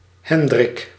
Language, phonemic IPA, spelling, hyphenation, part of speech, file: Dutch, /ˈɦɛn.drɪk/, Hendrik, Hen‧drik, proper noun, Nl-Hendrik.ogg
- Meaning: a male given name from the Germanic languages, equivalent to English Henry